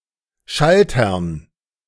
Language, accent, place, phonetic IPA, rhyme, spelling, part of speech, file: German, Germany, Berlin, [ˈʃaltɐn], -altɐn, Schaltern, noun, De-Schaltern.ogg
- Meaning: dative plural of Schalter